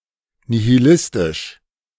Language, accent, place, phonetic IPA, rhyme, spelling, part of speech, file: German, Germany, Berlin, [nihiˈlɪstɪʃ], -ɪstɪʃ, nihilistisch, adjective, De-nihilistisch.ogg
- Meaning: nihilistic